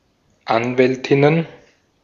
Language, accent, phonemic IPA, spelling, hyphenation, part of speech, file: German, Austria, /ˈanvɛltɪnən/, Anwältinnen, An‧wäl‧tin‧nen, noun, De-at-Anwältinnen.ogg
- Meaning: plural of Anwältin